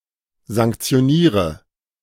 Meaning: inflection of sanktionieren: 1. first-person singular present 2. first/third-person singular subjunctive I 3. singular imperative
- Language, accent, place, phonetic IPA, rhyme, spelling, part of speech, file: German, Germany, Berlin, [zaŋkt͡si̯oˈniːʁə], -iːʁə, sanktioniere, verb, De-sanktioniere.ogg